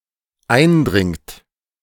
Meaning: inflection of eindringen: 1. third-person singular dependent present 2. second-person plural dependent present
- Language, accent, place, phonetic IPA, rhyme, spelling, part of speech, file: German, Germany, Berlin, [ˈaɪ̯nˌdʁɪŋt], -aɪ̯ndʁɪŋt, eindringt, verb, De-eindringt.ogg